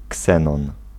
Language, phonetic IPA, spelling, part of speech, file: Polish, [ˈksɛ̃nɔ̃n], ksenon, noun, Pl-ksenon.ogg